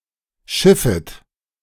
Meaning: second-person plural subjunctive I of schiffen
- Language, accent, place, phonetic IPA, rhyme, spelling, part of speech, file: German, Germany, Berlin, [ˈʃɪfət], -ɪfət, schiffet, verb, De-schiffet.ogg